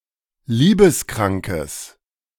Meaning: strong/mixed nominative/accusative neuter singular of liebeskrank
- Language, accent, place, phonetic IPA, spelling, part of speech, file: German, Germany, Berlin, [ˈliːbəsˌkʁaŋkəs], liebeskrankes, adjective, De-liebeskrankes.ogg